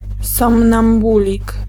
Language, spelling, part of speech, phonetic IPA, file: Polish, somnambulik, noun, [ˌsɔ̃mnãmˈbulʲik], Pl-somnambulik.ogg